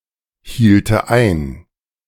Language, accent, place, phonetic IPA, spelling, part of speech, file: German, Germany, Berlin, [ˌhiːltə ˈaɪ̯n], hielte ein, verb, De-hielte ein.ogg
- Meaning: first/third-person singular subjunctive II of einhalten